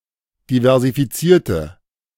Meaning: inflection of diversifizieren: 1. first/third-person singular preterite 2. first/third-person singular subjunctive II
- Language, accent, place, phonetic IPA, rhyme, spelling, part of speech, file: German, Germany, Berlin, [divɛʁzifiˈt͡siːɐ̯tə], -iːɐ̯tə, diversifizierte, adjective / verb, De-diversifizierte.ogg